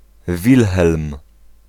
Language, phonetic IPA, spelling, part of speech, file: Polish, [ˈvʲilxɛlm], Wilhelm, proper noun, Pl-Wilhelm.ogg